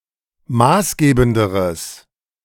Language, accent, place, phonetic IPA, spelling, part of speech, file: German, Germany, Berlin, [ˈmaːsˌɡeːbn̩dəʁəs], maßgebenderes, adjective, De-maßgebenderes.ogg
- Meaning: strong/mixed nominative/accusative neuter singular comparative degree of maßgebend